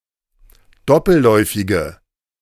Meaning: inflection of doppelläufig: 1. strong/mixed nominative/accusative feminine singular 2. strong nominative/accusative plural 3. weak nominative all-gender singular
- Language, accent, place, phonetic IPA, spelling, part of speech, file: German, Germany, Berlin, [ˈdɔpl̩ˌlɔɪ̯fɪɡə], doppelläufige, adjective, De-doppelläufige.ogg